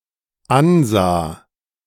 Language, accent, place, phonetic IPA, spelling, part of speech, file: German, Germany, Berlin, [ˈanˌzaː], ansah, verb, De-ansah.ogg
- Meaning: first/third-person singular dependent preterite of ansehen